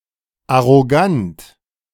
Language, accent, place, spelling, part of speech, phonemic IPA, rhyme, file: German, Germany, Berlin, arrogant, adjective, /aʁoˈɡant/, -ant, De-arrogant.ogg
- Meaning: arrogant